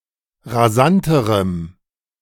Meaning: strong dative masculine/neuter singular comparative degree of rasant
- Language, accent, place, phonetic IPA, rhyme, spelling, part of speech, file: German, Germany, Berlin, [ʁaˈzantəʁəm], -antəʁəm, rasanterem, adjective, De-rasanterem.ogg